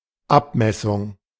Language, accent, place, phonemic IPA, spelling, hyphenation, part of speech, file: German, Germany, Berlin, /ˈapmɛsʊŋ/, Abmessung, Ab‧mes‧sung, noun, De-Abmessung.ogg
- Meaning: measurement